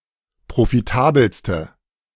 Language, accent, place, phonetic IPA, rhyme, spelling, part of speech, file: German, Germany, Berlin, [pʁofiˈtaːbl̩stə], -aːbl̩stə, profitabelste, adjective, De-profitabelste.ogg
- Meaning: inflection of profitabel: 1. strong/mixed nominative/accusative feminine singular superlative degree 2. strong nominative/accusative plural superlative degree